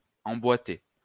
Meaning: 1. to embed, encapsulate 2. to fit, fit together 3. to box, to place in a box
- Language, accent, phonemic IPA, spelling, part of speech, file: French, France, /ɑ̃.bwa.te/, emboîter, verb, LL-Q150 (fra)-emboîter.wav